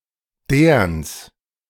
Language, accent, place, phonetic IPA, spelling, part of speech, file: German, Germany, Berlin, [deːɐ̯ns], Deerns, noun, De-Deerns.ogg
- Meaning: plural of Deern